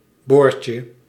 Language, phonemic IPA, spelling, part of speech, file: Dutch, /ˈborcə/, boortje, noun, Nl-boortje.ogg
- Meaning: diminutive of boor